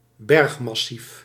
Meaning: massif, mountain mass
- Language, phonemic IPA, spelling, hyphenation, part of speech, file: Dutch, /ˈbɛrx.mɑˌsif/, bergmassief, berg‧mas‧sief, noun, Nl-bergmassief.ogg